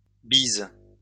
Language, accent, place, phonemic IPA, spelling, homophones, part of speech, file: French, France, Lyon, /biz/, bises, bisent / bise, adjective / noun / verb, LL-Q150 (fra)-bises.wav
- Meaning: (adjective) feminine plural of bis; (noun) plural of bise; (verb) second-person singular present indicative/subjunctive of biser